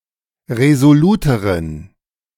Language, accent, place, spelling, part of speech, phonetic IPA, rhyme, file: German, Germany, Berlin, resoluteren, adjective, [ʁezoˈluːtəʁən], -uːtəʁən, De-resoluteren.ogg
- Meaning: inflection of resolut: 1. strong genitive masculine/neuter singular comparative degree 2. weak/mixed genitive/dative all-gender singular comparative degree